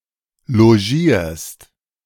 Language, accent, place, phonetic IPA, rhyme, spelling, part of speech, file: German, Germany, Berlin, [loˈʒiːɐ̯st], -iːɐ̯st, logierst, verb, De-logierst.ogg
- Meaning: second-person singular present of logieren